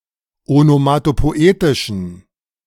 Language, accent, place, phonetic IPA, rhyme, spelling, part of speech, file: German, Germany, Berlin, [onomatopoˈʔeːtɪʃn̩], -eːtɪʃn̩, onomatopoetischen, adjective, De-onomatopoetischen.ogg
- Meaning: inflection of onomatopoetisch: 1. strong genitive masculine/neuter singular 2. weak/mixed genitive/dative all-gender singular 3. strong/weak/mixed accusative masculine singular 4. strong dative plural